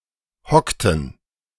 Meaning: inflection of hocken: 1. first/third-person plural preterite 2. first/third-person plural subjunctive II
- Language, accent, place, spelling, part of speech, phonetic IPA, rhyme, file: German, Germany, Berlin, hockten, verb, [ˈhɔktn̩], -ɔktn̩, De-hockten.ogg